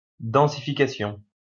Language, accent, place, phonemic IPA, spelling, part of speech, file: French, France, Lyon, /dɑ̃.si.fi.ka.sjɔ̃/, densification, noun, LL-Q150 (fra)-densification.wav
- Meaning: densification